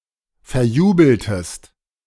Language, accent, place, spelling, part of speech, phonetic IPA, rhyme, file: German, Germany, Berlin, verjubeltest, verb, [fɛɐ̯ˈjuːbl̩təst], -uːbl̩təst, De-verjubeltest.ogg
- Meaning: inflection of verjubeln: 1. second-person singular preterite 2. second-person singular subjunctive II